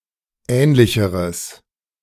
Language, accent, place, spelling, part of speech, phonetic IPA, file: German, Germany, Berlin, ähnlicheres, adjective, [ˈɛːnlɪçəʁəs], De-ähnlicheres.ogg
- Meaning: strong/mixed nominative/accusative neuter singular comparative degree of ähnlich